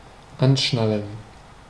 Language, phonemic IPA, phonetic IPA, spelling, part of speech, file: German, /ˈanˌʃnalən/, [ˈʔänˌʃnäl̩n], anschnallen, verb, De-anschnallen.ogg
- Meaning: 1. to fasten someone's seatbelt 2. to fasten one's seatbelt; to buckle up